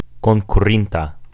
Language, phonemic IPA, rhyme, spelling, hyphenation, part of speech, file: Esperanto, /kon.kuˈrin.ta/, -inta, konkurinta, kon‧ku‧rin‧ta, adjective, Eo-konkurinta.ogg
- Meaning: singular past active participle of konkuri